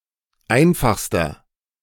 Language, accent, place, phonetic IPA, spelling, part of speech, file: German, Germany, Berlin, [ˈaɪ̯nfaxstɐ], einfachster, adjective, De-einfachster.ogg
- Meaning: inflection of einfach: 1. strong/mixed nominative masculine singular superlative degree 2. strong genitive/dative feminine singular superlative degree 3. strong genitive plural superlative degree